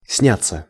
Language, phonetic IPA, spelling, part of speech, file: Russian, [ˈsnʲat͡sːə], сняться, verb, Ru-сняться.ogg
- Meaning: 1. to have one's photograph taken 2. to act in a film 3. passive of снять (snjatʹ)